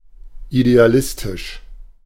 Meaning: idealistic
- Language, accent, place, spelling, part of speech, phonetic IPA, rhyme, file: German, Germany, Berlin, idealistisch, adjective, [ideaˈlɪstɪʃ], -ɪstɪʃ, De-idealistisch.ogg